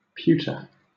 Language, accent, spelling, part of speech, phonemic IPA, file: English, Southern England, pewter, noun / adjective / verb, /ˈpjuːtə/, LL-Q1860 (eng)-pewter.wav
- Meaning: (noun) 1. An alloy of approximately 93–98% tin and 1–2% copper, and the balance of antimony 2. An alloy of tin and lead 3. Items made of pewter; pewterware 4. A beer tankard made from pewter